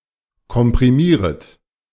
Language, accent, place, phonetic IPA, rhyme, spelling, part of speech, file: German, Germany, Berlin, [kɔmpʁiˈmiːʁət], -iːʁət, komprimieret, verb, De-komprimieret.ogg
- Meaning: second-person plural subjunctive I of komprimieren